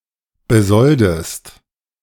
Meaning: inflection of besolden: 1. second-person singular present 2. second-person singular subjunctive I
- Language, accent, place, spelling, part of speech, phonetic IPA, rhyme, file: German, Germany, Berlin, besoldest, verb, [bəˈzɔldəst], -ɔldəst, De-besoldest.ogg